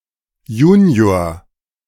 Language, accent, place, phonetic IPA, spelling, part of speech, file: German, Germany, Berlin, [ˈjuːni̯oːɐ̯], Junior, noun, De-Junior.ogg
- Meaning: junior